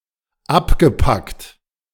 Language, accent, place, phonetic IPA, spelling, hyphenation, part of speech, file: German, Germany, Berlin, [ˈapɡəˌpakt], abgepackt, ab‧ge‧packt, verb / adjective, De-abgepackt.ogg
- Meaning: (verb) past participle of abpacken; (adjective) packed, packaged